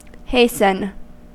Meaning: 1. To move or act in a quick fashion 2. To make someone speed up or make something happen quicker 3. To cause some scheduled event to happen earlier
- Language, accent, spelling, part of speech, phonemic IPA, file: English, US, hasten, verb, /ˈheɪ.sn̩/, En-us-hasten.ogg